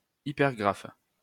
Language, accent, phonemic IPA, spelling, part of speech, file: French, France, /i.pɛʁ.ɡʁaf/, hypergraphe, noun, LL-Q150 (fra)-hypergraphe.wav
- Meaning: hypergraph